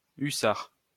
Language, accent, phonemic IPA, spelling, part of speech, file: French, France, /y.saʁ/, hussard, noun, LL-Q150 (fra)-hussard.wav
- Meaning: hussar (light cavalry of European armies)